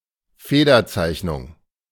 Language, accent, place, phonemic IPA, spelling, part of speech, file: German, Germany, Berlin, /ˈfeːdɐˌt͡saɪ̯çnʊŋ/, Federzeichnung, noun, De-Federzeichnung.ogg
- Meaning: pen and ink drawing